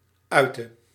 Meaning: inflection of uiten: 1. singular past indicative 2. singular past subjunctive
- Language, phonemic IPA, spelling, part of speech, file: Dutch, /ˈœy̯tə/, uitte, verb, Nl-uitte.ogg